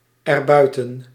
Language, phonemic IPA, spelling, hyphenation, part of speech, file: Dutch, /ɛrˈbœy̯.tə(n)/, erbuiten, er‧bui‧ten, adverb, Nl-erbuiten.ogg
- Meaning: pronominal adverb form of buiten + het